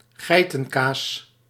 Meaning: goat cheese
- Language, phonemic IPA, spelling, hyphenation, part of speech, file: Dutch, /ˈɣɛi̯.tə(n)ˌkaːs/, geitenkaas, gei‧ten‧kaas, noun, Nl-geitenkaas.ogg